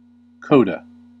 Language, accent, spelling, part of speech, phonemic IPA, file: English, US, coda, noun, /ˈkoʊ.də/, En-us-coda.ogg
- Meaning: A passage that brings a movement or piece to a conclusion through prolongation